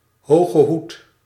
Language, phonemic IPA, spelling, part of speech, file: Dutch, /ˌhoɣəˈhut/, hogehoed, noun, Nl-hogehoed.ogg
- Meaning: tophat